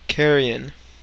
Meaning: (noun) 1. Rotting flesh of a dead animal or person 2. Corrupt or horrid matter 3. Filth, garbage 4. The flesh of a living human body; also (Christianity), sinful human nature
- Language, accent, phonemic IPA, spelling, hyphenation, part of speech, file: English, General American, /ˈkɛɹ.i.ən/, carrion, car‧ri‧on, noun / adjective, Carrion.ogg